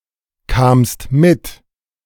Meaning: second-person singular preterite of mitkommen
- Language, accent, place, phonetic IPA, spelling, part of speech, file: German, Germany, Berlin, [ˌkaːmst ˈmɪt], kamst mit, verb, De-kamst mit.ogg